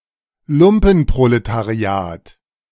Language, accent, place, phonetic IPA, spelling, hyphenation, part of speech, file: German, Germany, Berlin, [ˈlʊmpn̩pʁoletaˌʁi̯aːt], Lumpenproletariat, Lum‧pen‧pro‧le‧ta‧ri‧at, noun, De-Lumpenproletariat.ogg
- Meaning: lumpenproletariat